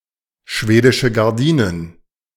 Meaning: bars (jail, prison, imprisonment) (as in behind bars)
- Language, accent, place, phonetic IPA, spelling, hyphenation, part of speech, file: German, Germany, Berlin, [ˌʃveːdɪʃə ɡaʁˈdiːnən], schwedische Gardinen, schwe‧di‧sche Gar‧di‧nen, noun, De-schwedische Gardinen.ogg